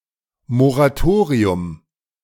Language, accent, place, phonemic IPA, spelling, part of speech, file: German, Germany, Berlin, /moʁaˈtoːʁiʊm/, Moratorium, noun, De-Moratorium.ogg
- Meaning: moratorium (suspension or delaying of an activity or process)